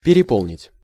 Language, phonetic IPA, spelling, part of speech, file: Russian, [pʲɪrʲɪˈpoɫnʲɪtʲ], переполнить, verb, Ru-переполнить.ogg
- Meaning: 1. to overfill, to overcrowd 2. to fill